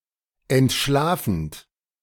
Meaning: present participle of entschlafen
- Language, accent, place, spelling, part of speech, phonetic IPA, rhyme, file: German, Germany, Berlin, entschlafend, verb, [ɛntˈʃlaːfn̩t], -aːfn̩t, De-entschlafend.ogg